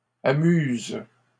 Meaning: inflection of amuser: 1. first/third-person singular present indicative/subjunctive 2. second-person singular imperative
- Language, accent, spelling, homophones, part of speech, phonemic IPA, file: French, Canada, amuse, amuses / amusent, verb, /a.myz/, LL-Q150 (fra)-amuse.wav